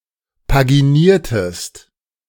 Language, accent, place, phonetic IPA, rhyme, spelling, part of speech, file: German, Germany, Berlin, [paɡiˈniːɐ̯təst], -iːɐ̯təst, paginiertest, verb, De-paginiertest.ogg
- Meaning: inflection of paginieren: 1. second-person singular preterite 2. second-person singular subjunctive II